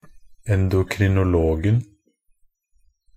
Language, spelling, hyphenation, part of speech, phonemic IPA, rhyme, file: Norwegian Bokmål, endokrinologen, en‧do‧kri‧no‧log‧en, noun, /ɛndʊkrɪnʊˈloːɡn̩/, -oːɡn̩, Nb-endokrinologen.ogg
- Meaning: definite singular of endokrinolog